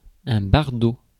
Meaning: 1. hinny (offspring of a male horse and a female donkey) 2. European hake
- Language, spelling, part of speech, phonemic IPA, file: French, bardot, noun, /baʁ.do/, Fr-bardot.ogg